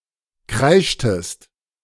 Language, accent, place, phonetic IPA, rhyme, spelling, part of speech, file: German, Germany, Berlin, [ˈkʁaɪ̯ʃtəst], -aɪ̯ʃtəst, kreischtest, verb, De-kreischtest.ogg
- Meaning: inflection of kreischen: 1. second-person singular preterite 2. second-person singular subjunctive II